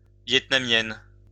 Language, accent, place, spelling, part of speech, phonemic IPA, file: French, France, Lyon, Vietnamienne, noun, /vjɛt.na.mjɛn/, LL-Q150 (fra)-Vietnamienne.wav
- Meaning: female equivalent of Vietnamien